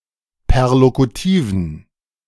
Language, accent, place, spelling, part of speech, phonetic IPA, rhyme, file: German, Germany, Berlin, perlokutiven, adjective, [pɛʁlokuˈtiːvn̩], -iːvn̩, De-perlokutiven.ogg
- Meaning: inflection of perlokutiv: 1. strong genitive masculine/neuter singular 2. weak/mixed genitive/dative all-gender singular 3. strong/weak/mixed accusative masculine singular 4. strong dative plural